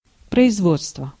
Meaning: 1. production, manufacture 2. plant, works, factory
- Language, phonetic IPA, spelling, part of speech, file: Russian, [prəɪzˈvot͡stvə], производство, noun, Ru-производство.ogg